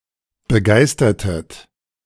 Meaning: inflection of begeistern: 1. second-person plural preterite 2. second-person plural subjunctive II
- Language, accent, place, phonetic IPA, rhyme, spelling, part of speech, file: German, Germany, Berlin, [bəˈɡaɪ̯stɐtət], -aɪ̯stɐtət, begeistertet, verb, De-begeistertet.ogg